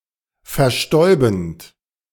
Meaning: present participle of verstäuben
- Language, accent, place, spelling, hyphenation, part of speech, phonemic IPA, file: German, Germany, Berlin, verstäubend, ver‧stäu‧bend, verb, /fɛɐ̯ˈʃtɔɪ̯bənt/, De-verstäubend.ogg